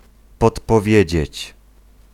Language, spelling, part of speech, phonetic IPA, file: Polish, podpowiedzieć, verb, [ˌpɔtpɔˈvʲjɛ̇d͡ʑɛ̇t͡ɕ], Pl-podpowiedzieć.ogg